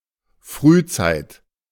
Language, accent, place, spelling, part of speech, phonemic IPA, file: German, Germany, Berlin, Frühzeit, noun, /ˈfʁyːˌt͡saɪ̯t/, De-Frühzeit.ogg
- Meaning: early days, early period